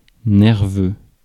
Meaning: 1. nerve; nervous 2. nervous, anxious
- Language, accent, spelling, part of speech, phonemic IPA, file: French, France, nerveux, adjective, /nɛʁ.vø/, Fr-nerveux.ogg